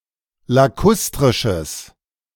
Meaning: strong/mixed nominative/accusative neuter singular of lakustrisch
- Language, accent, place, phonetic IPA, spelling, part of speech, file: German, Germany, Berlin, [laˈkʊstʁɪʃəs], lakustrisches, adjective, De-lakustrisches.ogg